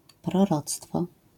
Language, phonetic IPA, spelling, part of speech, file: Polish, [prɔˈrɔt͡stfɔ], proroctwo, noun, LL-Q809 (pol)-proroctwo.wav